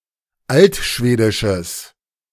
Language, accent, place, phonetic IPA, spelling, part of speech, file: German, Germany, Berlin, [ˈaltˌʃveːdɪʃəs], altschwedisches, adjective, De-altschwedisches.ogg
- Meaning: strong/mixed nominative/accusative neuter singular of altschwedisch